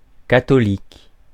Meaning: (adjective) Catholic
- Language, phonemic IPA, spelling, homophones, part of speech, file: French, /ka.tɔ.lik/, catholique, catholiques, adjective / noun, Fr-catholique.ogg